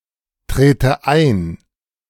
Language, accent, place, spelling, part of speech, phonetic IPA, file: German, Germany, Berlin, trete ein, verb, [ˌtʁeːtə ˈaɪ̯n], De-trete ein.ogg
- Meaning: inflection of eintreten: 1. first-person singular present 2. first/third-person singular subjunctive I